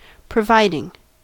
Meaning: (verb) present participle and gerund of provide; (noun) Something provided; a provision; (conjunction) Synonym of provided
- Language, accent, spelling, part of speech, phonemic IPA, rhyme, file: English, US, providing, verb / noun / conjunction / adjective, /pɹəˈvaɪdɪŋ/, -aɪdɪŋ, En-us-providing.ogg